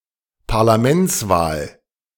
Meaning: general election
- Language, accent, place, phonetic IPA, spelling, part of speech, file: German, Germany, Berlin, [paʁlaˈmɛnt͡sˌvaːl], Parlamentswahl, noun, De-Parlamentswahl.ogg